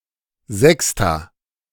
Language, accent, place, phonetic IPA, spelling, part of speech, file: German, Germany, Berlin, [ˈzɛksta], Sexta, noun, De-Sexta.ogg
- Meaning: 1. the first class of Gymnasium 2. the sixth class of Gymnasium